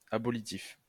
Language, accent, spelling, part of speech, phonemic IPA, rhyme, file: French, France, abolitif, adjective, /a.bɔ.li.tif/, -if, LL-Q150 (fra)-abolitif.wav
- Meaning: abolishing; involving the abolition of something